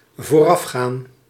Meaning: to precede
- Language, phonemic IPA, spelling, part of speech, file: Dutch, /voˈrɑfxan/, voorafgaan, verb, Nl-voorafgaan.ogg